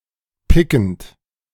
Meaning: present participle of picken
- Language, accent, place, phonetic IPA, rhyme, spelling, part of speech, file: German, Germany, Berlin, [ˈpɪkn̩t], -ɪkn̩t, pickend, verb, De-pickend.ogg